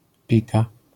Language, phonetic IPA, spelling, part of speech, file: Polish, [ˈpʲika], pika, noun / verb, LL-Q809 (pol)-pika.wav